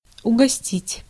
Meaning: 1. to treat (someone to something) 2. to entertain (someone)
- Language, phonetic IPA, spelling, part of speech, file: Russian, [ʊɡɐˈsʲtʲitʲ], угостить, verb, Ru-угостить.ogg